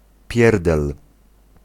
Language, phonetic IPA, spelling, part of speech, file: Polish, [ˈpʲjɛrdɛl], pierdel, noun, Pl-pierdel.ogg